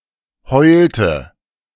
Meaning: inflection of heulen: 1. first/third-person singular preterite 2. first/third-person singular subjunctive II
- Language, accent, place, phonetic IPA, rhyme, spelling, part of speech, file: German, Germany, Berlin, [ˈhɔɪ̯ltə], -ɔɪ̯ltə, heulte, verb, De-heulte.ogg